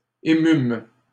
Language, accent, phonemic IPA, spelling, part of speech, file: French, Canada, /e.mym/, émûmes, verb, LL-Q150 (fra)-émûmes.wav
- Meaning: first-person plural past historic of émouvoir